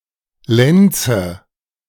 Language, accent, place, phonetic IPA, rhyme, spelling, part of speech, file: German, Germany, Berlin, [ˈlɛnt͡sə], -ɛnt͡sə, Lenze, noun, De-Lenze.ogg
- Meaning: 1. nominative/accusative/genitive plural of Lenz 2. obsolete form of Lenz